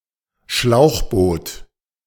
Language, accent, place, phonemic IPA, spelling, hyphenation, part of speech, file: German, Germany, Berlin, /ˈʃlaʊ̯xˌboːt/, Schlauchboot, Schlauch‧boot, noun, De-Schlauchboot.ogg
- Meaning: inflatable boat, rubber boat, rubber dinghy